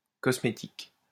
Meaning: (noun) 1. cosmetics, make-up 2. the science of cosmetics; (adjective) cosmetic
- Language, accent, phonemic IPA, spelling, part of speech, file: French, France, /kɔs.me.tik/, cosmétique, noun / adjective, LL-Q150 (fra)-cosmétique.wav